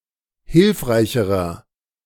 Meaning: inflection of hilfreich: 1. strong/mixed nominative masculine singular comparative degree 2. strong genitive/dative feminine singular comparative degree 3. strong genitive plural comparative degree
- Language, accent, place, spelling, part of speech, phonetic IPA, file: German, Germany, Berlin, hilfreicherer, adjective, [ˈhɪlfʁaɪ̯çəʁɐ], De-hilfreicherer.ogg